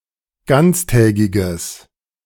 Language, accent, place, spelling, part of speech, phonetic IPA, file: German, Germany, Berlin, ganztägiges, adjective, [ˈɡant͡sˌtɛːɡɪɡəs], De-ganztägiges.ogg
- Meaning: strong/mixed nominative/accusative neuter singular of ganztägig